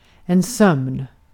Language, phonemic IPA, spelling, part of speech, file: Swedish, /sœmn/, sömn, noun, Sv-sömn.ogg
- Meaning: sleep (state of reduced consciousness)